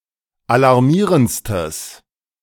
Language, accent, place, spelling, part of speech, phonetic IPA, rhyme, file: German, Germany, Berlin, alarmierendstes, adjective, [alaʁˈmiːʁənt͡stəs], -iːʁənt͡stəs, De-alarmierendstes.ogg
- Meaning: strong/mixed nominative/accusative neuter singular superlative degree of alarmierend